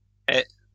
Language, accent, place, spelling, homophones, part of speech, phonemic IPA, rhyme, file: French, France, Lyon, hais, ai / aie / aies / aient / ait / es / est / hait, verb, /ɛ/, -ɛ, LL-Q150 (fra)-hais.wav
- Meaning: inflection of haïr: 1. first/second-person singular present indicative 2. second-person singular imperative